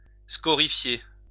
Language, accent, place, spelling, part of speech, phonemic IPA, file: French, France, Lyon, scorifier, verb, /skɔ.ʁi.fje/, LL-Q150 (fra)-scorifier.wav
- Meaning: to scorify